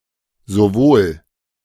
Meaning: both (only in combination with a contrasting second element, see derived terms)
- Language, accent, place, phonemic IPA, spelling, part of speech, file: German, Germany, Berlin, /zoˈvoːl/, sowohl, conjunction, De-sowohl.ogg